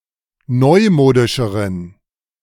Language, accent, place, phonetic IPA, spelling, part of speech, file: German, Germany, Berlin, [ˈnɔɪ̯ˌmoːdɪʃəʁən], neumodischeren, adjective, De-neumodischeren.ogg
- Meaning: inflection of neumodisch: 1. strong genitive masculine/neuter singular comparative degree 2. weak/mixed genitive/dative all-gender singular comparative degree